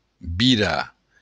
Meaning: to turn
- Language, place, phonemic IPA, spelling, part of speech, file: Occitan, Béarn, /biˈɾa/, virar, verb, LL-Q14185 (oci)-virar.wav